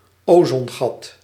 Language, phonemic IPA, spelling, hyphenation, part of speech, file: Dutch, /ˈoː.zɔnˌɣɑt/, ozongat, ozon‧gat, noun, Nl-ozongat.ogg
- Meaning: ozone hole